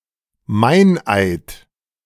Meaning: 1. a perjury, a deliberately false oath about something in the past 2. any broken oath, e.g. a vow later violated
- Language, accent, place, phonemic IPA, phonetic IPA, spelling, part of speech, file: German, Germany, Berlin, /ˈmaɪ̯nˌaɪ̯t/, [ˈmaɪ̯nˌʔaɪ̯t], Meineid, noun, De-Meineid.ogg